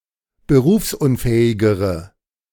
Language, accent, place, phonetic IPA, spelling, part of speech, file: German, Germany, Berlin, [bəˈʁuːfsʔʊnˌfɛːɪɡəʁə], berufsunfähigere, adjective, De-berufsunfähigere.ogg
- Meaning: inflection of berufsunfähig: 1. strong/mixed nominative/accusative feminine singular comparative degree 2. strong nominative/accusative plural comparative degree